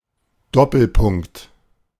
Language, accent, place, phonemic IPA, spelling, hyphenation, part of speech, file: German, Germany, Berlin, /ˈdɔpl̩ˌpʊŋkt/, Doppelpunkt, Dop‧pel‧punkt, noun, De-Doppelpunkt.ogg
- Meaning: colon